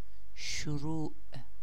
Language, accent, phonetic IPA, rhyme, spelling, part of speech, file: Persian, Iran, [ʃo.ɹuːʔ], -uːʔ, شروع, noun, Fa-شروع.ogg
- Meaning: beginning, commencement, onset, opening